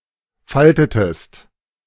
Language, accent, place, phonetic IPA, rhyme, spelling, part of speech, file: German, Germany, Berlin, [ˈfaltətəst], -altətəst, faltetest, verb, De-faltetest.ogg
- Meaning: inflection of falten: 1. second-person singular preterite 2. second-person singular subjunctive II